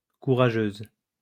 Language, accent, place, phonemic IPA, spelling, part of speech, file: French, France, Lyon, /ku.ʁa.ʒøz/, courageuse, adjective, LL-Q150 (fra)-courageuse.wav
- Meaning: feminine singular of courageux